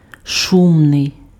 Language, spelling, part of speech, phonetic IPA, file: Ukrainian, шумний, adjective, [ˈʃumnei̯], Uk-шумний.ogg
- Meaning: noisy, loud